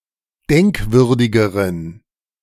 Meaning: inflection of denkwürdig: 1. strong genitive masculine/neuter singular comparative degree 2. weak/mixed genitive/dative all-gender singular comparative degree
- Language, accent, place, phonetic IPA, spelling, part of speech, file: German, Germany, Berlin, [ˈdɛŋkˌvʏʁdɪɡəʁən], denkwürdigeren, adjective, De-denkwürdigeren.ogg